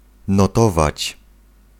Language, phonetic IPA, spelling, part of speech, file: Polish, [nɔˈtɔvat͡ɕ], notować, verb, Pl-notować.ogg